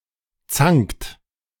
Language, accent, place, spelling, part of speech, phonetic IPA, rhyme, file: German, Germany, Berlin, zankt, verb, [t͡saŋkt], -aŋkt, De-zankt.ogg
- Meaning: inflection of zanken: 1. second-person plural present 2. third-person singular present 3. plural imperative